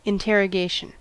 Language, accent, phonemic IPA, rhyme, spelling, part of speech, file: English, US, /ɪnˌteɹ.əˈɡeɪ.ʃən/, -eɪʃən, interrogation, noun, En-us-interrogation.ogg
- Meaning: 1. The act of interrogating or questioning; an examination by questions; an inquiry 2. A question put; an inquiry 3. A question mark